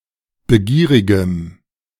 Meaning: strong dative masculine/neuter singular of begierig
- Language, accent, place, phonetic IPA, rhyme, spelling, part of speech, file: German, Germany, Berlin, [bəˈɡiːʁɪɡəm], -iːʁɪɡəm, begierigem, adjective, De-begierigem.ogg